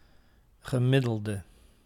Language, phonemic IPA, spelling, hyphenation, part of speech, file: Dutch, /ɣəˈmɪ.dəl.də/, gemiddelde, ge‧mid‧del‧de, noun / adjective, Nl-gemiddelde.ogg
- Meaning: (noun) average, mean; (adjective) inflection of gemiddeld: 1. masculine/feminine singular attributive 2. definite neuter singular attributive 3. plural attributive